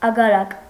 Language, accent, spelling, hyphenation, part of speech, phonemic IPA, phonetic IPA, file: Armenian, Eastern Armenian, ագարակ, ա‧գա‧րակ, noun, /ɑɡɑˈɾɑk/, [ɑɡɑɾɑ́k], Hy-ագարակ.ogg
- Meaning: 1. farm; farmstead 2. landed estate 3. single-homestead settlement, khutor